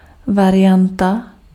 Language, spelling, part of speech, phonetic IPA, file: Czech, varianta, noun, [ˈvarɪjanta], Cs-varianta.ogg
- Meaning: variant (something that is slightly different from a type or norm)